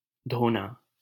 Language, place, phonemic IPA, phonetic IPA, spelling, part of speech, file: Hindi, Delhi, /d̪ʱoː.nɑː/, [d̪ʱoː.näː], धोना, verb, LL-Q1568 (hin)-धोना.wav
- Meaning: 1. to wash 2. to cleanse 3. to beat up, thrash